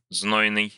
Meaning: 1. scorching, hot, sultry 2. passionate, hot
- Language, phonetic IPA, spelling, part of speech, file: Russian, [ˈznojnɨj], знойный, adjective, Ru-знойный.ogg